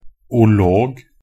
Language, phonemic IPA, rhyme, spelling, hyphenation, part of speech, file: Norwegian Bokmål, /ʊˈloːɡ/, -oːɡ, -olog, -o‧log, suffix, Nb--olog.ogg
- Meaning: alternative spelling of -log